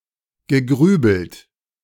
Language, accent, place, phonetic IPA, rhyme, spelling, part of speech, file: German, Germany, Berlin, [ɡəˈɡʁyːbl̩t], -yːbl̩t, gegrübelt, verb, De-gegrübelt.ogg
- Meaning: past participle of grübeln